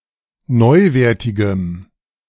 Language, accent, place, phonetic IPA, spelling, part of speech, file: German, Germany, Berlin, [ˈnɔɪ̯ˌveːɐ̯tɪɡəm], neuwertigem, adjective, De-neuwertigem.ogg
- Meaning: strong dative masculine/neuter singular of neuwertig